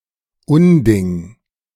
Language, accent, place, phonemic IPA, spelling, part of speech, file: German, Germany, Berlin, /ˈʊnˌdɪŋ/, Unding, noun, De-Unding.ogg
- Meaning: 1. something that is unheard of, unacceptable, and/or immoral 2. nonsense; something absurd